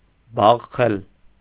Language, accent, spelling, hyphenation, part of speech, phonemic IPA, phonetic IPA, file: Armenian, Eastern Armenian, բաղխել, բաղ‧խել, verb, /bɑχˈχel/, [bɑχːél], Hy-բաղխել.ogg
- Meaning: alternative form of բախել (baxel)